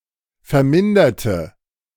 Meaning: inflection of vermindert: 1. strong/mixed nominative/accusative feminine singular 2. strong nominative/accusative plural 3. weak nominative all-gender singular
- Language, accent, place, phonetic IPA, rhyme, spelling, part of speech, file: German, Germany, Berlin, [fɛɐ̯ˈmɪndɐtə], -ɪndɐtə, verminderte, adjective / verb, De-verminderte.ogg